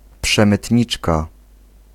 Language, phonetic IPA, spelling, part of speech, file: Polish, [ˌpʃɛ̃mɨtʲˈɲit͡ʃka], przemytniczka, noun, Pl-przemytniczka.ogg